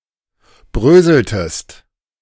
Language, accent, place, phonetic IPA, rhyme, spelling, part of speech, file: German, Germany, Berlin, [ˈbʁøːzl̩təst], -øːzl̩təst, bröseltest, verb, De-bröseltest.ogg
- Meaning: inflection of bröseln: 1. second-person singular preterite 2. second-person singular subjunctive II